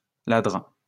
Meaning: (noun) 1. miser 2. leper (person with leprosy); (adjective) 1. miserly 2. leprous (having leprosy)
- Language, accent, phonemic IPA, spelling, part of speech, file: French, France, /ladʁ/, ladre, noun / adjective, LL-Q150 (fra)-ladre.wav